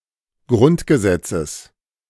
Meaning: genitive singular of Grundgesetz
- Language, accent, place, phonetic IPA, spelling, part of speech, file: German, Germany, Berlin, [ˈɡʁʊntɡəˌzɛt͡səs], Grundgesetzes, noun, De-Grundgesetzes.ogg